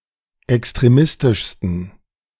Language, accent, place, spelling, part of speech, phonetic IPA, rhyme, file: German, Germany, Berlin, extremistischsten, adjective, [ɛkstʁeˈmɪstɪʃstn̩], -ɪstɪʃstn̩, De-extremistischsten.ogg
- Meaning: 1. superlative degree of extremistisch 2. inflection of extremistisch: strong genitive masculine/neuter singular superlative degree